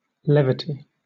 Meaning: 1. A lightness of manner or speech, frivolity; flippancy; a lack of appropriate seriousness; an inclination to make a joke of serious matters 2. A lack of steadiness
- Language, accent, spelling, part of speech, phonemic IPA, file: English, Southern England, levity, noun, /ˈlɛ.vɪ.ti/, LL-Q1860 (eng)-levity.wav